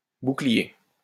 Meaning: 1. shield (broad piece of defensive armor, held in hand, formerly in general use in war, for the protection of the body) 2. shield (anything which protects or defends)
- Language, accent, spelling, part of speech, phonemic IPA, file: French, France, bouclier, noun, /bu.kli.je/, LL-Q150 (fra)-bouclier.wav